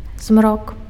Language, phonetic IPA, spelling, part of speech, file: Belarusian, [zmrok], змрок, noun, Be-змрок.ogg
- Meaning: half-light, twilight, dusk